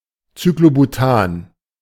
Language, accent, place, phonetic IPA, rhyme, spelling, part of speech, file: German, Germany, Berlin, [t͡syklobuˈtaːn], -aːn, Cyclobutan, noun, De-Cyclobutan.ogg
- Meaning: cyclobutane